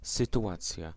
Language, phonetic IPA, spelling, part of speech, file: Polish, [ˌsɨtuˈʷat͡sʲja], sytuacja, noun, Pl-sytuacja.ogg